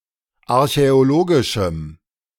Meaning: strong dative masculine/neuter singular of archäologisch
- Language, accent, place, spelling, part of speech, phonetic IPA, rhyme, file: German, Germany, Berlin, archäologischem, adjective, [aʁçɛoˈloːɡɪʃm̩], -oːɡɪʃm̩, De-archäologischem.ogg